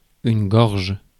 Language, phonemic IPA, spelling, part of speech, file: French, /ɡɔʁʒ/, gorge, noun / verb, Fr-gorge.ogg
- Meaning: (noun) 1. throat 2. breast 3. gorge; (verb) inflection of gorger: 1. first/third-person singular present indicative/subjunctive 2. second-person singular imperative